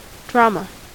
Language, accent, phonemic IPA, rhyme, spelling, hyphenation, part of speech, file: English, US, /ˈdɹɑmə/, -ɑːmə, drama, dra‧ma, noun, En-us-drama.ogg
- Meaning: A composition, normally in prose, telling a story and intended to be represented by actors impersonating the characters and speaking the dialogue